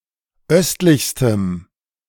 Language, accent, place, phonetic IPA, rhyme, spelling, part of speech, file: German, Germany, Berlin, [ˈœstlɪçstəm], -œstlɪçstəm, östlichstem, adjective, De-östlichstem.ogg
- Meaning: strong dative masculine/neuter singular superlative degree of östlich